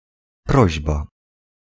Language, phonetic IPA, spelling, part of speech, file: Polish, [ˈprɔʑba], prośba, noun, Pl-prośba.ogg